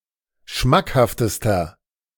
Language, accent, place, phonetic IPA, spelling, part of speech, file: German, Germany, Berlin, [ˈʃmakhaftəstɐ], schmackhaftester, adjective, De-schmackhaftester.ogg
- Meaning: inflection of schmackhaft: 1. strong/mixed nominative masculine singular superlative degree 2. strong genitive/dative feminine singular superlative degree 3. strong genitive plural superlative degree